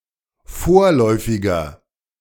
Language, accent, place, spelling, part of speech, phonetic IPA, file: German, Germany, Berlin, vorläufiger, adjective, [ˈfoːɐ̯lɔɪ̯fɪɡɐ], De-vorläufiger.ogg
- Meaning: inflection of vorläufig: 1. strong/mixed nominative masculine singular 2. strong genitive/dative feminine singular 3. strong genitive plural